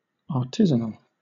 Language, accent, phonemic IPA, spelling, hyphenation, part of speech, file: English, Southern England, /ɑːˈtɪzən(ə)l/, artisanal, ar‧ti‧san‧al, adjective, LL-Q1860 (eng)-artisanal.wav
- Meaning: 1. Of or pertaining to artisans or the work of artisans 2. Involving skilled work, with comparatively little reliance on machinery 3. Made by an artisan (skilled worker)